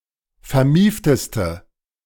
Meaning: inflection of vermieft: 1. strong/mixed nominative/accusative feminine singular superlative degree 2. strong nominative/accusative plural superlative degree
- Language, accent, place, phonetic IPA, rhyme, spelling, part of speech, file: German, Germany, Berlin, [fɛɐ̯ˈmiːftəstə], -iːftəstə, vermiefteste, adjective, De-vermiefteste.ogg